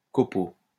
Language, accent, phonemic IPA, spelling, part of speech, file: French, France, /kɔ.po/, copeau, noun, LL-Q150 (fra)-copeau.wav
- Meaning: 1. shaving (of wood); turning (of metal) 2. swarf